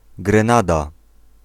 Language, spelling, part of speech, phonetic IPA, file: Polish, Grenada, proper noun, [ɡrɛ̃ˈnada], Pl-Grenada.ogg